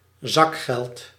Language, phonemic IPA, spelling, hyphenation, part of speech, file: Dutch, /ˈzɑk.xɛlt/, zakgeld, zak‧geld, noun, Nl-zakgeld.ogg
- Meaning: pocket money, a limited allowance of money for discretionary spending, now especially that given to children by parents or carers